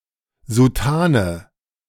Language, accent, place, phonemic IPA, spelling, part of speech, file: German, Germany, Berlin, /zuˈtaːnə/, Soutane, noun, De-Soutane.ogg
- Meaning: cassock, soutane